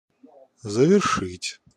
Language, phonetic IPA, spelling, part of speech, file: Russian, [zəvʲɪrˈʂɨtʲ], завершить, verb, Ru-завершить.ogg
- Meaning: 1. to finish, to complete, to accomplish 2. to conclude, to crown